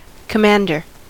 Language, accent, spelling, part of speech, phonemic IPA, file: English, US, commander, noun, /kəˈmændɚ/, En-us-commander.ogg
- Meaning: 1. One who exercises control and direction of a military or naval organization 2. A naval officer whose rank is above that of a lieutenant commander and below that of captain